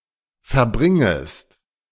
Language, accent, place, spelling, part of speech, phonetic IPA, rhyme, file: German, Germany, Berlin, verbringest, verb, [fɛɐ̯ˈbʁɪŋəst], -ɪŋəst, De-verbringest.ogg
- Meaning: second-person singular subjunctive I of verbringen